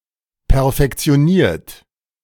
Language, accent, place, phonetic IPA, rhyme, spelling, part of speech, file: German, Germany, Berlin, [pɛɐ̯fɛkt͡si̯oˈniːɐ̯t], -iːɐ̯t, perfektioniert, verb, De-perfektioniert.ogg
- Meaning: 1. past participle of perfektionieren 2. inflection of perfektionieren: third-person singular present 3. inflection of perfektionieren: second-person plural present